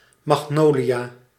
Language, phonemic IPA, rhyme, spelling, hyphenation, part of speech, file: Dutch, /ˌmɑxˈnoː.li.aː/, -oːliaː, magnolia, mag‧no‧lia, noun, Nl-magnolia.ogg
- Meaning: magnolia, tree or shrub of the genus Magnolia